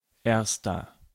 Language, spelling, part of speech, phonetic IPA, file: German, erster, numeral, [ˈʔɛɐ̯stɐ], De-erster.ogg
- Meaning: inflection of erste: 1. strong/mixed nominative masculine singular 2. strong genitive/dative feminine singular 3. strong genitive plural